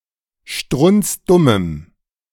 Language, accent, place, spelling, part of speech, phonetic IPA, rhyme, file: German, Germany, Berlin, strunzdummem, adjective, [ˈʃtʁʊnt͡sˈdʊməm], -ʊməm, De-strunzdummem.ogg
- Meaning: strong dative masculine/neuter singular of strunzdumm